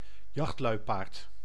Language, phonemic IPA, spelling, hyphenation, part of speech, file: Dutch, /ˈjɑxt.lœy̯.paːrt/, jachtluipaard, jacht‧lui‧paard, noun, Nl-jachtluipaard.ogg
- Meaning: cheetah (Acinonyx jubatus)